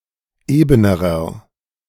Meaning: inflection of eben: 1. strong/mixed nominative masculine singular comparative degree 2. strong genitive/dative feminine singular comparative degree 3. strong genitive plural comparative degree
- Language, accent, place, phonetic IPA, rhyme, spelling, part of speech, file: German, Germany, Berlin, [ˈeːbənəʁɐ], -eːbənəʁɐ, ebenerer, adjective, De-ebenerer.ogg